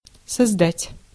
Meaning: 1. to create 2. to found, to originate 3. to set up, to establish 4. to build, to erect
- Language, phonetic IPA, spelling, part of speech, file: Russian, [sɐzˈdatʲ], создать, verb, Ru-создать.ogg